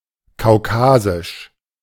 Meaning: Caucasian
- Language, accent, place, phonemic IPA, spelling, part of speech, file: German, Germany, Berlin, /kaʊ̯ˈkaːzɪʃ/, kaukasisch, adjective, De-kaukasisch.ogg